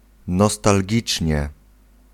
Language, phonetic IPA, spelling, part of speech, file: Polish, [ˌnɔstalʲˈɟit͡ʃʲɲɛ], nostalgicznie, adverb, Pl-nostalgicznie.ogg